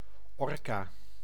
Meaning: killer whale, orca (Orcinus orca)
- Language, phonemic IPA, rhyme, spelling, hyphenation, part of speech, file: Dutch, /ˈɔr.kaː/, -ɔrkaː, orka, or‧ka, noun, Nl-orka.ogg